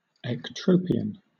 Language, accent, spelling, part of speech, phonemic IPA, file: English, Southern England, ectropion, noun, /ɛkˈtɹəʊpiən/, LL-Q1860 (eng)-ectropion.wav
- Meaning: A condition of loose eyelids, characterized by the turning outward of the lower eyelid